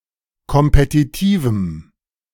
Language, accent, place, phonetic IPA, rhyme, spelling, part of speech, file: German, Germany, Berlin, [kɔmpetiˈtiːvm̩], -iːvm̩, kompetitivem, adjective, De-kompetitivem.ogg
- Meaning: strong dative masculine/neuter singular of kompetitiv